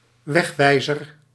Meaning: 1. a road sign 2. any other sign giving directions where to go and/or which path/trail/route to follow, e.g. within a building or gardens
- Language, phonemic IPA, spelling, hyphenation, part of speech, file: Dutch, /ˈʋɛxˌʋɛi̯.zər/, wegwijzer, weg‧wij‧zer, noun, Nl-wegwijzer.ogg